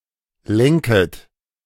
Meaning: second-person plural subjunctive I of lenken
- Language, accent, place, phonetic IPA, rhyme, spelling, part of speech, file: German, Germany, Berlin, [ˈlɛŋkət], -ɛŋkət, lenket, verb, De-lenket.ogg